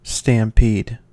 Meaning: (noun) A wild, headlong running away or scamper of a number of animals, usually caused by fright
- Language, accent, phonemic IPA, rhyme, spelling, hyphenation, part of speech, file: English, General American, /stæmˈpid/, -iːd, stampede, stam‧pede, noun / verb, En-us-stampede.ogg